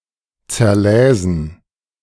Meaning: first-person plural subjunctive II of zerlesen
- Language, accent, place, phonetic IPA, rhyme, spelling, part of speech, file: German, Germany, Berlin, [t͡sɛɐ̯ˈlɛːzn̩], -ɛːzn̩, zerläsen, verb, De-zerläsen.ogg